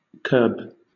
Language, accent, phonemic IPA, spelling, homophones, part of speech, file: English, Southern England, /kɜːb/, curb, kerb / kirb, noun / verb, LL-Q1860 (eng)-curb.wav
- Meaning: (noun) 1. A concrete margin along the edge of a road; a kerb (UK, Australia, New Zealand) 2. A raised margin along the edge of something, such as a well or the eye of a dome, as a strengthening